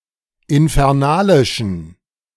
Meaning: inflection of infernalisch: 1. strong genitive masculine/neuter singular 2. weak/mixed genitive/dative all-gender singular 3. strong/weak/mixed accusative masculine singular 4. strong dative plural
- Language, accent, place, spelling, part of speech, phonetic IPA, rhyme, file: German, Germany, Berlin, infernalischen, adjective, [ɪnfɛʁˈnaːlɪʃn̩], -aːlɪʃn̩, De-infernalischen.ogg